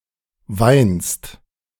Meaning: second-person singular present of weinen
- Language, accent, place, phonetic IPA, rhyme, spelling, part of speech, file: German, Germany, Berlin, [vaɪ̯nst], -aɪ̯nst, weinst, verb, De-weinst.ogg